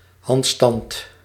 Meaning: handstand
- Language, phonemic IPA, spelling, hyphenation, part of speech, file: Dutch, /ˈɦɑnt.stɑnt/, handstand, hand‧stand, noun, Nl-handstand.ogg